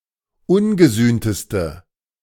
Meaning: inflection of ungesühnt: 1. strong/mixed nominative/accusative feminine singular superlative degree 2. strong nominative/accusative plural superlative degree
- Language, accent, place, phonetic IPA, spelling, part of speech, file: German, Germany, Berlin, [ˈʊnɡəˌzyːntəstə], ungesühnteste, adjective, De-ungesühnteste.ogg